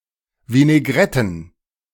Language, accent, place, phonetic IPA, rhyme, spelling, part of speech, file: German, Germany, Berlin, [vinɛˈɡʁɛtn̩], -ɛtn̩, Vinaigretten, noun, De-Vinaigretten.ogg
- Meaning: plural of Vinaigrette